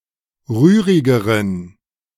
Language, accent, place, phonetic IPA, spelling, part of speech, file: German, Germany, Berlin, [ˈʁyːʁɪɡəʁən], rührigeren, adjective, De-rührigeren.ogg
- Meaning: inflection of rührig: 1. strong genitive masculine/neuter singular comparative degree 2. weak/mixed genitive/dative all-gender singular comparative degree